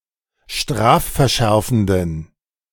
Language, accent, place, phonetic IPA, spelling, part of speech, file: German, Germany, Berlin, [ˈʃtʁaːffɛɐ̯ˌʃɛʁfn̩dən], strafverschärfenden, adjective, De-strafverschärfenden.ogg
- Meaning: inflection of strafverschärfend: 1. strong genitive masculine/neuter singular 2. weak/mixed genitive/dative all-gender singular 3. strong/weak/mixed accusative masculine singular